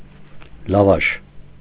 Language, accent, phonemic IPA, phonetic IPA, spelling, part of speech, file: Armenian, Eastern Armenian, /lɑˈvɑʃ/, [lɑvɑ́ʃ], լավաշ, noun, Hy-լավաշ.ogg
- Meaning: 1. lavash (a soft, thin flatbread made with flour, water, yeast, and salt, baked in a tandoor, and sometimes sprinkled with sesame seeds or poppy seeds before baking) 2. very long text